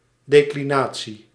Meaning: 1. declination 2. declension (act of declining) 3. declension (grammatical category for nouns and adjectives)
- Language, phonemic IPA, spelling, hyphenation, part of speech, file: Dutch, /ˌdeː.kliˈnaː.(t)si/, declinatie, de‧cli‧na‧tie, noun, Nl-declinatie.ogg